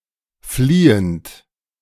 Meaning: present participle of fliehen
- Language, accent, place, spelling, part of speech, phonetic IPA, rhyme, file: German, Germany, Berlin, fliehend, adjective / verb, [ˈfliːənt], -iːənt, De-fliehend.ogg